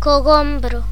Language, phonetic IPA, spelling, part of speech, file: Galician, [koˈɣombɾʊ], cogombro, noun, Gl-cogombro.ogg
- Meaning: 1. cucumber (fruit) 2. cucumber plant